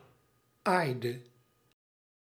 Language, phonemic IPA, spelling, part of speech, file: Dutch, /ˈajdə/, aaide, verb, Nl-aaide.ogg
- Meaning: inflection of aaien: 1. singular past indicative 2. singular past subjunctive